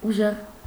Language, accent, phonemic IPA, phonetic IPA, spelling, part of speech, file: Armenian, Eastern Armenian, /uˈʒeʁ/, [uʒéʁ], ուժեղ, adjective / adverb, Hy-ուժեղ.ogg
- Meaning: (adjective) strong, powerful; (adverb) 1. strongly; powerfully 2. with great force, forcefully